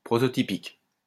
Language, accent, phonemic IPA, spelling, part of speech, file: French, France, /pʁɔ.tɔ.ti.pik/, prototypique, adjective, LL-Q150 (fra)-prototypique.wav
- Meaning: prototypical